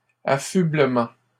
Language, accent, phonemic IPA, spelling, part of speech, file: French, Canada, /a.fy.blə.mɑ̃/, affublement, noun, LL-Q150 (fra)-affublement.wav
- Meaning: attire; apparel